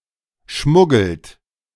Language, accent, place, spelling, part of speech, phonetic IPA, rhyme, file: German, Germany, Berlin, schmuggelt, verb, [ˈʃmʊɡl̩t], -ʊɡl̩t, De-schmuggelt.ogg
- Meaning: inflection of schmuggeln: 1. third-person singular present 2. second-person plural present 3. plural imperative